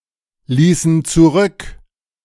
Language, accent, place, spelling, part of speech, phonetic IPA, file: German, Germany, Berlin, ließen zurück, verb, [ˌliːsn̩ t͡suˈʁʏk], De-ließen zurück.ogg
- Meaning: inflection of zurücklassen: 1. first/third-person plural preterite 2. first/third-person plural subjunctive II